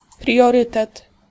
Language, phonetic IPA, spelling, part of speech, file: Polish, [prʲjɔˈrɨtɛt], priorytet, noun, Pl-priorytet.ogg